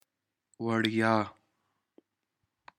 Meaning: free
- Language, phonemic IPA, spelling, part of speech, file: Pashto, /wəɻˈjɑ/, وړيا, adjective, وړيا.ogg